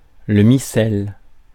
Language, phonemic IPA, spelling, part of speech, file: French, /mi.sɛl/, missel, noun, Fr-missel.ogg
- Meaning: missal